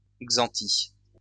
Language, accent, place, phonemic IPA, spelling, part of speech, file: French, France, Lyon, /ɡzɑ̃.ti/, xanthie, noun, LL-Q150 (fra)-xanthie.wav
- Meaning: any noctuid moth of the genus Xanthia